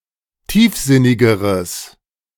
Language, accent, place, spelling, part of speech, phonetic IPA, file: German, Germany, Berlin, tiefsinnigeres, adjective, [ˈtiːfˌzɪnɪɡəʁəs], De-tiefsinnigeres.ogg
- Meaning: strong/mixed nominative/accusative neuter singular comparative degree of tiefsinnig